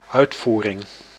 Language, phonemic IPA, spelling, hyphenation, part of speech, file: Dutch, /ˈœytfurɪŋ/, uitvoering, uit‧voe‧ring, noun, Nl-uitvoering.ogg
- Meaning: 1. execution 2. performance 3. export, transport